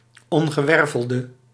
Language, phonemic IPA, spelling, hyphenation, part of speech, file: Dutch, /ˌɔn.ɣəˈʋɛr.vəl.də/, ongewervelde, on‧ge‧wer‧vel‧de, noun / adjective, Nl-ongewervelde.ogg
- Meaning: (noun) invertebrate; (adjective) inflection of ongewerveld: 1. masculine/feminine singular attributive 2. definite neuter singular attributive 3. plural attributive